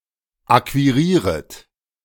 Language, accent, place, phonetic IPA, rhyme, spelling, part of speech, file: German, Germany, Berlin, [ˌakviˈʁiːʁət], -iːʁət, akquirieret, verb, De-akquirieret.ogg
- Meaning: second-person plural subjunctive I of akquirieren